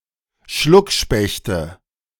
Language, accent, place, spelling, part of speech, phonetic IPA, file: German, Germany, Berlin, Schluckspechte, noun, [ˈʃlʊkˌʃpɛçtə], De-Schluckspechte.ogg
- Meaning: nominative/accusative/genitive plural of Schluckspecht